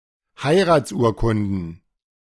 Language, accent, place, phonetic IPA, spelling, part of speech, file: German, Germany, Berlin, [ˈhaɪ̯ʁaːt͡sˌʔuːɐ̯kʊndn̩], Heiratsurkunden, noun, De-Heiratsurkunden.ogg
- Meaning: plural of Heiratsurkunde